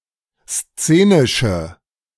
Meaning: inflection of szenisch: 1. strong/mixed nominative/accusative feminine singular 2. strong nominative/accusative plural 3. weak nominative all-gender singular
- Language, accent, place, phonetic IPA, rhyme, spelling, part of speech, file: German, Germany, Berlin, [ˈst͡seːnɪʃə], -eːnɪʃə, szenische, adjective, De-szenische.ogg